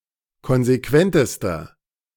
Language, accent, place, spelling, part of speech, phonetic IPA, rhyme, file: German, Germany, Berlin, konsequentester, adjective, [ˌkɔnzeˈkvɛntəstɐ], -ɛntəstɐ, De-konsequentester.ogg
- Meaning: inflection of konsequent: 1. strong/mixed nominative masculine singular superlative degree 2. strong genitive/dative feminine singular superlative degree 3. strong genitive plural superlative degree